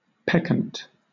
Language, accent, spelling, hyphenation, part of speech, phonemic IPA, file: English, Southern England, peccant, pec‧cant, adjective / noun, /ˈpɛk(ə)nt/, LL-Q1860 (eng)-peccant.wav
- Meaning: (adjective) Of a person, etc.: that commits or has committed an offence or a sin; blameworthy, culpable, offending, sinful, sinning